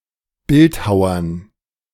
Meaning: dative plural of Bildhauer
- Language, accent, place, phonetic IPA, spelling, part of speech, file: German, Germany, Berlin, [ˈbɪltˌhaʊ̯ɐn], Bildhauern, noun, De-Bildhauern.ogg